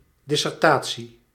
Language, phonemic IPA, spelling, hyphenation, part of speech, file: Dutch, /ˌdɪ.sɛrˈtaː.(t)si/, dissertatie, dis‧ser‧ta‧tie, noun, Nl-dissertatie.ogg
- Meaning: dissertation, doctoral thesis